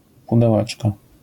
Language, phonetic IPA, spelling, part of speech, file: Polish, [ˌpudɛˈwɛt͡ʃkɔ], pudełeczko, noun, LL-Q809 (pol)-pudełeczko.wav